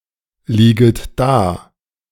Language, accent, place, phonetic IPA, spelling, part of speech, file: German, Germany, Berlin, [ˌliːɡət ˈdaː], lieget da, verb, De-lieget da.ogg
- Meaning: second-person plural subjunctive I of daliegen